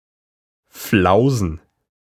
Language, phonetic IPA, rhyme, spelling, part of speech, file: German, [ˈflaʊ̯zn̩], -aʊ̯zn̩, Flausen, noun, De-Flausen.ogg
- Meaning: plural of Flause